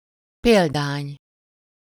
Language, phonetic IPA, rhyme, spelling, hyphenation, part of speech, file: Hungarian, [ˈpeːldaːɲ], -aːɲ, példány, pél‧dány, noun, Hu-példány.ogg
- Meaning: 1. copy 2. specimen 3. ideal, example